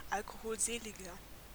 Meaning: 1. comparative degree of alkoholselig 2. inflection of alkoholselig: strong/mixed nominative masculine singular 3. inflection of alkoholselig: strong genitive/dative feminine singular
- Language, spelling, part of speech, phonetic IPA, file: German, alkoholseliger, adjective, [ˈalkohoːlˌzeːlɪɡɐ], De-alkoholseliger.ogg